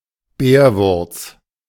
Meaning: 1. baldmoney, spignel (Meum athamanticum) 2. a Bavarian liquor made from the above plant
- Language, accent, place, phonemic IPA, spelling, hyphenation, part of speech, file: German, Germany, Berlin, /ˈbɛːrˌvʊrts/, Bärwurz, Bär‧wurz, noun, De-Bärwurz.ogg